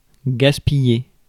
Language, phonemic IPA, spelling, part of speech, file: French, /ɡas.pi.je/, gaspiller, verb, Fr-gaspiller.ogg
- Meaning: to waste